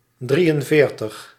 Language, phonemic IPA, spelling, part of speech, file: Dutch, /ˈdri(j)ənˌveːrtəx/, drieënveertig, numeral, Nl-drieënveertig.ogg
- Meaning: forty-three